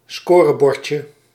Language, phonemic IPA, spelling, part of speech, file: Dutch, /ˈskorəˌbɔrcə/, scorebordje, noun, Nl-scorebordje.ogg
- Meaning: diminutive of scorebord